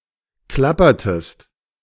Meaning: inflection of klappern: 1. second-person singular preterite 2. second-person singular subjunctive II
- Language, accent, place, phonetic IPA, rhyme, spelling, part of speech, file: German, Germany, Berlin, [ˈklapɐtəst], -apɐtəst, klappertest, verb, De-klappertest.ogg